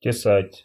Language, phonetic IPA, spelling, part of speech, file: Russian, [tʲɪˈsatʲ], тесать, verb, Ru-тесать.ogg
- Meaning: 1. to hew (with an axe), to make (something) by cutting with an axe 2. to shave the surface layer of (with an axe)